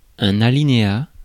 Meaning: 1. indented line (at the start of a new paragraph) 2. paragraph 3. paragraph, subsection (legislative drafting)
- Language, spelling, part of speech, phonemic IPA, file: French, alinéa, noun, /a.li.ne.a/, Fr-alinéa.ogg